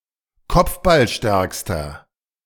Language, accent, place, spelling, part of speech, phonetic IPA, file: German, Germany, Berlin, kopfballstärkster, adjective, [ˈkɔp͡fbalˌʃtɛʁkstɐ], De-kopfballstärkster.ogg
- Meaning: inflection of kopfballstark: 1. strong/mixed nominative masculine singular superlative degree 2. strong genitive/dative feminine singular superlative degree